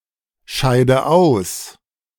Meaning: inflection of ausscheiden: 1. first-person singular present 2. first/third-person singular subjunctive I 3. singular imperative
- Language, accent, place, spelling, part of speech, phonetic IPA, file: German, Germany, Berlin, scheide aus, verb, [ˌʃaɪ̯də ˈaʊ̯s], De-scheide aus.ogg